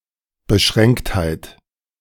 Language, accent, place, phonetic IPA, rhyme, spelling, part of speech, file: German, Germany, Berlin, [bəˈʃʁɛŋkthaɪ̯t], -ɛŋkthaɪ̯t, Beschränktheit, noun, De-Beschränktheit.ogg
- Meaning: 1. limitedness, narrowness 2. boundedness